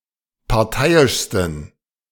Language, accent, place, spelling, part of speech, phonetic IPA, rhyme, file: German, Germany, Berlin, parteiischsten, adjective, [paʁˈtaɪ̯ɪʃstn̩], -aɪ̯ɪʃstn̩, De-parteiischsten.ogg
- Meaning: 1. superlative degree of parteiisch 2. inflection of parteiisch: strong genitive masculine/neuter singular superlative degree